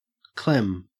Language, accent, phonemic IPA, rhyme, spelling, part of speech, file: English, Australia, /klɛm/, -ɛm, clem, verb / noun, En-au-clem.ogg
- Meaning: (verb) To be hungry; starve; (noun) 1. A brick or stone 2. One stone (unit of mass) 3. A testicle; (verb) Alternative form of clam (“to adhere”)